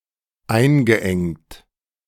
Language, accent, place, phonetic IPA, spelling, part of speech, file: German, Germany, Berlin, [ˈaɪ̯nɡəˌʔɛŋt], eingeengt, verb, De-eingeengt.ogg
- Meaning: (verb) past participle of einengen; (adjective) cramped, constrained, constricted